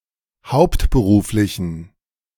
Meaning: inflection of hauptberuflich: 1. strong genitive masculine/neuter singular 2. weak/mixed genitive/dative all-gender singular 3. strong/weak/mixed accusative masculine singular 4. strong dative plural
- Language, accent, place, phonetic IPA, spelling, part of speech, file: German, Germany, Berlin, [ˈhaʊ̯ptbəˌʁuːflɪçn̩], hauptberuflichen, adjective, De-hauptberuflichen.ogg